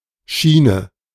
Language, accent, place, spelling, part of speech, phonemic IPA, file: German, Germany, Berlin, Schiene, noun, /ˈʃiːnə/, De-Schiene.ogg
- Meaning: 1. a staff on which something moves: rail 2. a staff on which something moves: rack 3. a staff or long construction that holds things together: orthotics; splint